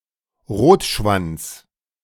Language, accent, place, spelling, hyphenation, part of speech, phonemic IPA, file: German, Germany, Berlin, Rotschwanz, Rot‧schwanz, noun, /ˈʁoːtˌʃvant͡s/, De-Rotschwanz.ogg
- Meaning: 1. redstart (bird of the genus Phoenicurus) 2. pale tussock moth (Calliteara pudibunda)